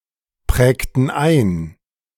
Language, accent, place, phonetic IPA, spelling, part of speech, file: German, Germany, Berlin, [ˌpʁɛːktn̩ ˈaɪ̯n], prägten ein, verb, De-prägten ein.ogg
- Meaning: inflection of einprägen: 1. first/third-person plural preterite 2. first/third-person plural subjunctive II